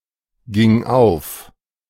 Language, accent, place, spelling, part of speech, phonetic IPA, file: German, Germany, Berlin, ging auf, verb, [ˌɡɪŋ ˈaʊ̯f], De-ging auf.ogg
- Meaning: first/third-person singular preterite of aufgehen